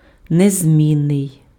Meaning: unchanging, unvarying, unchangeable, invariable, immutable, unalterable
- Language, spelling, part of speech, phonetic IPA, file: Ukrainian, незмінний, adjective, [nezʲˈmʲinːei̯], Uk-незмінний.ogg